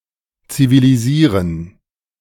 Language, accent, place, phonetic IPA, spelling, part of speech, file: German, Germany, Berlin, [t͡siviliˈziːʁən], zivilisieren, verb, De-zivilisieren.ogg
- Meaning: to civilise